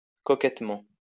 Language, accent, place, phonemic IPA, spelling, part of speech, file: French, France, Lyon, /kɔ.kɛt.mɑ̃/, coquettement, adverb, LL-Q150 (fra)-coquettement.wav
- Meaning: 1. coquettishly 2. attractively